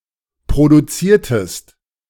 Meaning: inflection of produzieren: 1. second-person singular preterite 2. second-person singular subjunctive II
- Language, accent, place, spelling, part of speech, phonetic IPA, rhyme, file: German, Germany, Berlin, produziertest, verb, [pʁoduˈt͡siːɐ̯təst], -iːɐ̯təst, De-produziertest.ogg